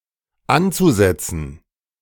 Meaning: zu-infinitive of ansetzen
- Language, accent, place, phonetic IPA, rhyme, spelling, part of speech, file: German, Germany, Berlin, [ˈant͡suˌzɛt͡sn̩], -ant͡suzɛt͡sn̩, anzusetzen, verb, De-anzusetzen.ogg